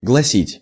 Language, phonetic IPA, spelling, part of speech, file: Russian, [ɡɫɐˈsʲitʲ], гласить, verb, Ru-гласить.ogg
- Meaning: to say, to read